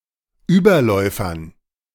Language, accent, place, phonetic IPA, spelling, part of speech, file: German, Germany, Berlin, [ˈyːbɐˌlɔɪ̯fɐn], Überläufern, noun, De-Überläufern.ogg
- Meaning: dative plural of Überläufer